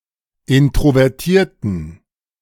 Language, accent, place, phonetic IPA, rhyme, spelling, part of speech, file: German, Germany, Berlin, [ˌɪntʁovɛʁˈtiːɐ̯tn̩], -iːɐ̯tn̩, introvertierten, adjective, De-introvertierten.ogg
- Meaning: inflection of introvertiert: 1. strong genitive masculine/neuter singular 2. weak/mixed genitive/dative all-gender singular 3. strong/weak/mixed accusative masculine singular 4. strong dative plural